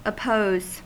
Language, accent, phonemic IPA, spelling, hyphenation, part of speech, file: English, US, /əˈpoʊz/, oppose, op‧pose, verb, En-us-oppose.ogg
- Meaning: 1. To attempt to stop the progression of; to resist or antagonize by physical means, or by arguments, etc.; to contend against 2. To object to 3. To present or set up in opposition; to pose